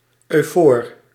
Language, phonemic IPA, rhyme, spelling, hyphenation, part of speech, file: Dutch, /œy̯ˈfoːr/, -oːr, eufoor, eu‧foor, adjective, Nl-eufoor.ogg
- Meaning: euphoric